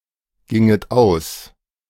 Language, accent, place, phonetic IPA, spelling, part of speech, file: German, Germany, Berlin, [ˌɡɪŋət ˈaʊ̯s], ginget aus, verb, De-ginget aus.ogg
- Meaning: second-person plural subjunctive II of ausgehen